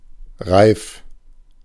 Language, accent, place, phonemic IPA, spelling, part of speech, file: German, Germany, Berlin, /ʁaɪ̯f/, reif, adjective, De-reif.ogg
- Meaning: 1. ripe 2. mature 3. fit